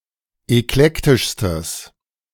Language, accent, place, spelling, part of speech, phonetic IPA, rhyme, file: German, Germany, Berlin, eklektischstes, adjective, [ɛkˈlɛktɪʃstəs], -ɛktɪʃstəs, De-eklektischstes.ogg
- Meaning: strong/mixed nominative/accusative neuter singular superlative degree of eklektisch